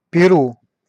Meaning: Peru (a country in South America)
- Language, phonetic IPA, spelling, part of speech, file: Russian, [pʲɪˈru], Перу, proper noun, Ru-Перу.ogg